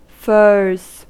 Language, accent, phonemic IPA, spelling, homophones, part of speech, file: English, US, /fɝz/, furs, furze, noun / verb, En-us-furs.ogg
- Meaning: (noun) plural of fur; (verb) third-person singular simple present indicative of fur